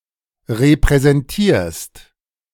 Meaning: second-person singular present of repräsentieren
- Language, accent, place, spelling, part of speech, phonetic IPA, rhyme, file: German, Germany, Berlin, repräsentierst, verb, [ʁepʁɛzɛnˈtiːɐ̯st], -iːɐ̯st, De-repräsentierst.ogg